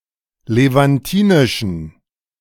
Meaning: inflection of levantinisch: 1. strong genitive masculine/neuter singular 2. weak/mixed genitive/dative all-gender singular 3. strong/weak/mixed accusative masculine singular 4. strong dative plural
- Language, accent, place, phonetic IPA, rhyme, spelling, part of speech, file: German, Germany, Berlin, [levanˈtiːnɪʃn̩], -iːnɪʃn̩, levantinischen, adjective, De-levantinischen.ogg